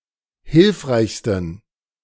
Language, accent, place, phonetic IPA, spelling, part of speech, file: German, Germany, Berlin, [ˈhɪlfʁaɪ̯çstn̩], hilfreichsten, adjective, De-hilfreichsten.ogg
- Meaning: 1. superlative degree of hilfreich 2. inflection of hilfreich: strong genitive masculine/neuter singular superlative degree